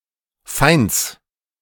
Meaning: genitive singular of Feind
- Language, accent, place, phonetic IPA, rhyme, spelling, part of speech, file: German, Germany, Berlin, [faɪ̯nt͡s], -aɪ̯nt͡s, Feinds, noun, De-Feinds.ogg